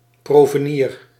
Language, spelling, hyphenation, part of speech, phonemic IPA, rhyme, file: Dutch, provenier, pro‧ve‧nier, noun, /ˌproː.vəˈniːr/, -iːr, Nl-provenier.ogg
- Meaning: someone who had bought lifelong lodging at an institute of residence